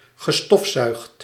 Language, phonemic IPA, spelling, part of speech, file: Dutch, /ɣə.ˈstɔf.ˌsœy̯xt/, gestofzuigd, verb, Nl-gestofzuigd.ogg
- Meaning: past participle of stofzuigen